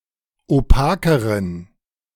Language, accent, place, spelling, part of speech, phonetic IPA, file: German, Germany, Berlin, opakeren, adjective, [oˈpaːkəʁən], De-opakeren.ogg
- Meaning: inflection of opak: 1. strong genitive masculine/neuter singular comparative degree 2. weak/mixed genitive/dative all-gender singular comparative degree